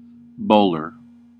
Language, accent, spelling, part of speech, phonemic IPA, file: English, US, bowler, noun, /ˈboʊ.lɚ/, En-us-bowler.ogg
- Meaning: 1. One who engages in the sport of bowling 2. The player currently bowling 3. A player selected mainly for their bowling ability 4. The pitcher